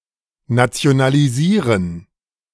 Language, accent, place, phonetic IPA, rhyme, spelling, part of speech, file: German, Germany, Berlin, [nat͡si̯onaliˈziːʁən], -iːʁən, nationalisieren, verb, De-nationalisieren.ogg
- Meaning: to nationalize